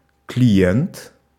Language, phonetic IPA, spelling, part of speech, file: Russian, [klʲɪˈjent], клиент, noun, Ru-клиент.ogg
- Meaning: 1. client, customer 2. target of a killing, target of extortion